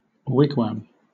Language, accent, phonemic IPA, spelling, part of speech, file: English, Southern England, /ˈwɪɡwɑːm/, wigwam, noun / verb, LL-Q1860 (eng)-wigwam.wav
- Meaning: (noun) A dwelling having an arched framework overlaid with bark, hides, or mats, used by Native Americans in the northeastern United States